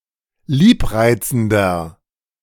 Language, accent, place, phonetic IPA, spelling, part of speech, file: German, Germany, Berlin, [ˈliːpˌʁaɪ̯t͡sn̩dɐ], liebreizender, adjective, De-liebreizender.ogg
- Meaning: 1. comparative degree of liebreizend 2. inflection of liebreizend: strong/mixed nominative masculine singular 3. inflection of liebreizend: strong genitive/dative feminine singular